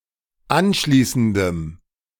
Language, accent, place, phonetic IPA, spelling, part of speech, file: German, Germany, Berlin, [ˈanˌʃliːsn̩dəm], anschließendem, adjective, De-anschließendem.ogg
- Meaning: strong dative masculine/neuter singular of anschließend